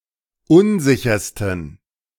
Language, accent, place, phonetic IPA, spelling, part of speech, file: German, Germany, Berlin, [ˈʊnˌzɪçɐstn̩], unsichersten, adjective, De-unsichersten.ogg
- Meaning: 1. superlative degree of unsicher 2. inflection of unsicher: strong genitive masculine/neuter singular superlative degree